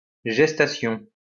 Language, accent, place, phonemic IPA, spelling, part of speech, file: French, France, Lyon, /ʒɛs.ta.sjɔ̃/, gestation, noun, LL-Q150 (fra)-gestation.wav
- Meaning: gestation